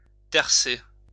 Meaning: alternative spelling of tercer
- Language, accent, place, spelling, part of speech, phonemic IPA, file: French, France, Lyon, terser, verb, /tɛʁ.se/, LL-Q150 (fra)-terser.wav